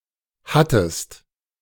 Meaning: second-person singular preterite of haben
- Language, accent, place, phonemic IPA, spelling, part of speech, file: German, Germany, Berlin, /ˈhatəst/, hattest, verb, De-hattest.ogg